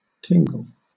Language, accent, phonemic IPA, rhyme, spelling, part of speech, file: English, Southern England, /ˈtɪŋɡəl/, -ɪŋɡəl, tingle, verb / noun, LL-Q1860 (eng)-tingle.wav
- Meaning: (verb) 1. To feel a prickling or mildly stinging sensation 2. To feel a prickling or mildly stinging sensation.: To feel an ASMR response 3. To cause to feel a prickling or mildly stinging sensation